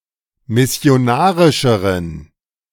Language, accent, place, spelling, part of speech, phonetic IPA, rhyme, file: German, Germany, Berlin, missionarischeren, adjective, [mɪsi̯oˈnaːʁɪʃəʁən], -aːʁɪʃəʁən, De-missionarischeren.ogg
- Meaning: inflection of missionarisch: 1. strong genitive masculine/neuter singular comparative degree 2. weak/mixed genitive/dative all-gender singular comparative degree